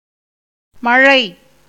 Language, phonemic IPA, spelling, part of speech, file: Tamil, /mɐɻɐɪ̯/, மழை, noun, Ta-மழை.ogg
- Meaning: 1. rain 2. abundance, plenty